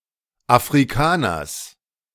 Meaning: genitive singular of Afrikaner
- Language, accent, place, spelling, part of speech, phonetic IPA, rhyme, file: German, Germany, Berlin, Afrikaners, noun, [afʁiˈkaːnɐs], -aːnɐs, De-Afrikaners.ogg